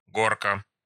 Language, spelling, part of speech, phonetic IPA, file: Russian, горка, noun, [ˈɡorkə], Ru-горка.ogg
- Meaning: 1. diminutive of гора́ (gorá): hill, hillock 2. slide (an item of play equipment that children can climb up and then slide down again) 3. steep climb 4. china cabinet, display case, vitrine